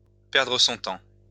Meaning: to waste one's time
- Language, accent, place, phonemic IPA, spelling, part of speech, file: French, France, Lyon, /pɛʁ.dʁə sɔ̃ tɑ̃/, perdre son temps, verb, LL-Q150 (fra)-perdre son temps.wav